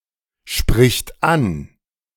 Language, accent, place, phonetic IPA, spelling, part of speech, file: German, Germany, Berlin, [ˌʃpʁɪçt ˈan], spricht an, verb, De-spricht an.ogg
- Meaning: third-person singular present of ansprechen